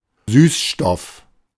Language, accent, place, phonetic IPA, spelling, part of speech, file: German, Germany, Berlin, [ˈsyːsˌʃtɔf], Süßstoff, noun, De-Süßstoff.ogg
- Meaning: sweetener